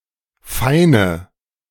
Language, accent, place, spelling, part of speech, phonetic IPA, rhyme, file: German, Germany, Berlin, feine, adjective / verb, [ˈfaɪ̯nə], -aɪ̯nə, De-feine.ogg
- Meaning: inflection of fein: 1. strong/mixed nominative/accusative feminine singular 2. strong nominative/accusative plural 3. weak nominative all-gender singular 4. weak accusative feminine/neuter singular